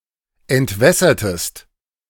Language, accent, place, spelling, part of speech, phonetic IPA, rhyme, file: German, Germany, Berlin, entwässertest, verb, [ɛntˈvɛsɐtəst], -ɛsɐtəst, De-entwässertest.ogg
- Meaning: inflection of entwässern: 1. second-person singular preterite 2. second-person singular subjunctive II